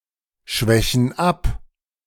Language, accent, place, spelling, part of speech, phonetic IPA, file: German, Germany, Berlin, schwächen ab, verb, [ˌʃvɛçn̩ ˈap], De-schwächen ab.ogg
- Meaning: inflection of abschwächen: 1. first/third-person plural present 2. first/third-person plural subjunctive I